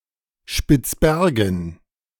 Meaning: Svalbard, Spitsbergen (an archipelago, territory, and unincorporated area of Norway northeast of Greenland, in the Arctic Ocean)
- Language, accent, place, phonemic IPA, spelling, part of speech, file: German, Germany, Berlin, /ʃpɪtsˈbɛrɡən/, Spitzbergen, proper noun, De-Spitzbergen.ogg